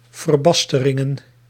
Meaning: plural of verbastering
- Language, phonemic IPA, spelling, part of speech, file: Dutch, /vərˈbɑstərɪŋə(n)/, verbasteringen, noun, Nl-verbasteringen.ogg